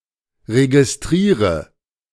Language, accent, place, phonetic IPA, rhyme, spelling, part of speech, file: German, Germany, Berlin, [ʁeɡɪsˈtʁiːʁə], -iːʁə, registriere, verb, De-registriere.ogg
- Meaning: inflection of registrieren: 1. first-person singular present 2. singular imperative 3. first/third-person singular subjunctive I